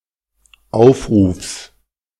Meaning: genitive singular of Aufruf
- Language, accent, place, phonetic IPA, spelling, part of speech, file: German, Germany, Berlin, [ˈaʊ̯fˌʁuːfs], Aufrufs, noun, De-Aufrufs.ogg